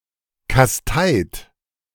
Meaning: 1. past participle of kasteien 2. inflection of kasteien: second-person plural present 3. inflection of kasteien: third-person singular present 4. inflection of kasteien: plural imperative
- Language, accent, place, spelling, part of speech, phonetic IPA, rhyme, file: German, Germany, Berlin, kasteit, verb, [kasˈtaɪ̯t], -aɪ̯t, De-kasteit.ogg